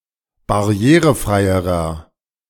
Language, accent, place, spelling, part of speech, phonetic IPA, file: German, Germany, Berlin, barrierefreierer, adjective, [baˈʁi̯eːʁəˌfʁaɪ̯əʁɐ], De-barrierefreierer.ogg
- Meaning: inflection of barrierefrei: 1. strong/mixed nominative masculine singular comparative degree 2. strong genitive/dative feminine singular comparative degree 3. strong genitive plural comparative degree